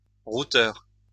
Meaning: router
- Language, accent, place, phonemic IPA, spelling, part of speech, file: French, France, Lyon, /ʁu.tœʁ/, routeur, noun, LL-Q150 (fra)-routeur.wav